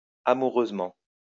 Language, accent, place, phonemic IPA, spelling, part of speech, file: French, France, Lyon, /a.mu.ʁøz.mɑ̃/, amoureusement, adverb, LL-Q150 (fra)-amoureusement.wav
- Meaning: amorously, lovingly